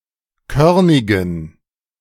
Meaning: inflection of körnig: 1. strong genitive masculine/neuter singular 2. weak/mixed genitive/dative all-gender singular 3. strong/weak/mixed accusative masculine singular 4. strong dative plural
- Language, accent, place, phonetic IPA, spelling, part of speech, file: German, Germany, Berlin, [ˈkœʁnɪɡn̩], körnigen, adjective, De-körnigen.ogg